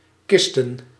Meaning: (verb) to lay in a coffin or casket; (noun) plural of kist
- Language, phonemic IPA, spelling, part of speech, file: Dutch, /ˈkɪs.tə(n)/, kisten, verb / noun, Nl-kisten.ogg